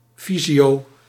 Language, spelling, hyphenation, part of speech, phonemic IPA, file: Dutch, fysio, fy‧sio, noun, /ˈfi.zi.oː/, Nl-fysio.ogg
- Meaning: 1. physiotherapist 2. physiotherapy